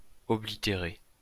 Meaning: 1. to fade out (memories) 2. to block, block up, obstruct 3. to cancel (a stamp); stub (a ticket, so that it is no longer valid)
- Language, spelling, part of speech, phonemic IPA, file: French, oblitérer, verb, /ɔ.bli.te.ʁe/, LL-Q150 (fra)-oblitérer.wav